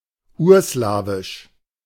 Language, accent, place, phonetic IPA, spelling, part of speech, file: German, Germany, Berlin, [ˈuːɐ̯ˌslaːvɪʃ], urslawisch, adjective, De-urslawisch.ogg
- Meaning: Proto-Slavic (related to the Proto-Slavic language)